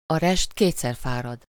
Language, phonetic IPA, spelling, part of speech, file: Hungarian, [ɒ ˈrɛʃt ˈkeːt͡sːɛr ˈfaːrɒd], a rest kétszer fárad, proverb, Hu-a rest kétszer fárad.ogg
- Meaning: a stitch in time saves nine